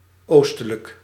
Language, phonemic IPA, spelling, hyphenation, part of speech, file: Dutch, /ˈoːs.tə.lək/, oostelijk, oos‧te‧lijk, adjective, Nl-oostelijk.ogg
- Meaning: eastern